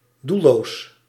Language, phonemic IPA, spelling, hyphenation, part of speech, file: Dutch, /ˈdu(l).loːs/, doelloos, doel‧loos, adjective, Nl-doelloos.ogg
- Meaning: aimless